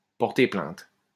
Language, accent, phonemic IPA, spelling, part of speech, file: French, France, /pɔʁ.te plɛ̃t/, porter plainte, verb, LL-Q150 (fra)-porter plainte.wav
- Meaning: 1. to complain, to lodge a (formal) complaint 2. to bring a criminal action, to press charges